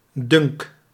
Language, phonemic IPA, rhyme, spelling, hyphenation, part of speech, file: Dutch, /dʏŋk/, -ʏŋk, dunk, dunk, noun / verb, Nl-dunk.ogg
- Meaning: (noun) 1. opinion 2. dunk; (verb) inflection of dunken: 1. first-person singular present indicative 2. second-person singular present indicative 3. imperative